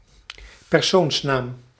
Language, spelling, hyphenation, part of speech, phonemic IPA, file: Dutch, persoonsnaam, per‧soons‧naam, noun, /pɛrˈsoːnsˌnaːm/, Nl-persoonsnaam.ogg
- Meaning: a personal name, a proper name identifying an individual person, especially the full name